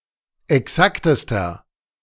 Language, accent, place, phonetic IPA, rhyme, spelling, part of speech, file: German, Germany, Berlin, [ɛˈksaktəstɐ], -aktəstɐ, exaktester, adjective, De-exaktester.ogg
- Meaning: inflection of exakt: 1. strong/mixed nominative masculine singular superlative degree 2. strong genitive/dative feminine singular superlative degree 3. strong genitive plural superlative degree